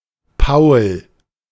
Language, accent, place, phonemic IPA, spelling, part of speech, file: German, Germany, Berlin, /paʊ̯l/, Paul, proper noun, De-Paul.ogg
- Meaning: a male given name from Latin, feminine equivalent Paula, Paulina, and Pauline, equivalent to English Paul